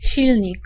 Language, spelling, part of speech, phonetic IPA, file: Polish, silnik, noun, [ˈɕilʲɲik], Pl-silnik.ogg